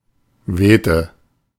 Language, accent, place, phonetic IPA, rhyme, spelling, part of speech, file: German, Germany, Berlin, [ˈveːtə], -eːtə, wehte, verb, De-wehte.ogg
- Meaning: inflection of wehen: 1. first/third-person singular preterite 2. first/third-person singular subjunctive II